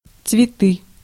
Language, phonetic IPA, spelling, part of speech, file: Russian, [t͡svʲɪˈtɨ], цветы, noun, Ru-цветы.ogg
- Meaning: 1. nominative/accusative plural of цвето́к (cvetók, “flowering plant”) 2. nominative/accusative plural of цвет (cvet)